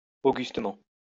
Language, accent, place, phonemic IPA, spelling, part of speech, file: French, France, Lyon, /o.ɡys.tə.mɑ̃/, augustement, adverb, LL-Q150 (fra)-augustement.wav
- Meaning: augustly